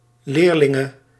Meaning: female equivalent of leerling
- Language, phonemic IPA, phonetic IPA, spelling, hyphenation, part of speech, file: Dutch, /ˈleːr.lɪ.ŋə/, [ˈlɪːr.lɪ.ŋə], leerlinge, leer‧lin‧ge, noun, Nl-leerlinge.ogg